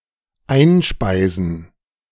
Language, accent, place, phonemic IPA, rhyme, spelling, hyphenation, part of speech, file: German, Germany, Berlin, /ˈaɪ̯nˌʃpaɪ̯zn̩/, -aɪ̯zn̩, einspeisen, ein‧spei‧sen, verb, De-einspeisen.ogg
- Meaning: to feed in, inject